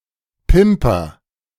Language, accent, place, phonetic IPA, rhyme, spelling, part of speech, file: German, Germany, Berlin, [ˈpɪmpɐ], -ɪmpɐ, pimper, verb / adjective, De-pimper.ogg
- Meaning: inflection of pimpern: 1. first-person singular present 2. singular imperative